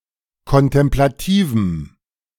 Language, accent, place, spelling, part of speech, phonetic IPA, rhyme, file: German, Germany, Berlin, kontemplativem, adjective, [kɔntɛmplaˈtiːvm̩], -iːvm̩, De-kontemplativem.ogg
- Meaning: strong dative masculine/neuter singular of kontemplativ